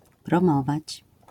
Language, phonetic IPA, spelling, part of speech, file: Polish, [prɔ̃ˈmɔvat͡ɕ], promować, verb, LL-Q809 (pol)-promować.wav